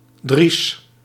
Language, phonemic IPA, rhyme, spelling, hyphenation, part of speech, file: Dutch, /dris/, -is, dries, dries, noun, Nl-dries.ogg
- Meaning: fallow, fallow land